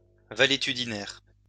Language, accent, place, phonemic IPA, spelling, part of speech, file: French, France, Lyon, /va.le.ty.di.nɛʁ/, valétudinaire, adjective / noun, LL-Q150 (fra)-valétudinaire.wav
- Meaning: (adjective) valetudinarian, sickly; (noun) valetudinarian (person in poor health)